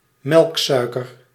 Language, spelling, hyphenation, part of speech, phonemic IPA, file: Dutch, melksuiker, melk‧sui‧ker, noun, /ˈmɛlkˌsœy̯.kər/, Nl-melksuiker.ogg
- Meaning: lactose